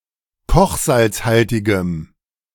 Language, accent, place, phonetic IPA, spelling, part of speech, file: German, Germany, Berlin, [ˈkɔxzalt͡sˌhaltɪɡəm], kochsalzhaltigem, adjective, De-kochsalzhaltigem.ogg
- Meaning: strong dative masculine/neuter singular of kochsalzhaltig